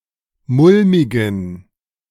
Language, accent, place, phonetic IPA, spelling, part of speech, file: German, Germany, Berlin, [ˈmʊlmɪɡn̩], mulmigen, adjective, De-mulmigen.ogg
- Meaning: inflection of mulmig: 1. strong genitive masculine/neuter singular 2. weak/mixed genitive/dative all-gender singular 3. strong/weak/mixed accusative masculine singular 4. strong dative plural